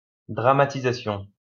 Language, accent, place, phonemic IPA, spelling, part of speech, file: French, France, Lyon, /dʁa.ma.ti.za.sjɔ̃/, dramatisation, noun, LL-Q150 (fra)-dramatisation.wav
- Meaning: dramatization (the act of dramatizing)